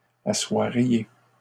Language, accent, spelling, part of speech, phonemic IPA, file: French, Canada, assoiriez, verb, /a.swa.ʁje/, LL-Q150 (fra)-assoiriez.wav
- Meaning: second-person plural conditional of asseoir